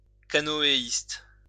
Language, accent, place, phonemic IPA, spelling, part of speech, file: French, France, Lyon, /ka.nɔ.e.ist/, canoéiste, noun, LL-Q150 (fra)-canoéiste.wav
- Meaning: canoeist